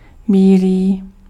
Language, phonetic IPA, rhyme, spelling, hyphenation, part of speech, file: Czech, [ˈbiːliː], -iːliː, bílý, bí‧lý, adjective, Cs-bílý.ogg
- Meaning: white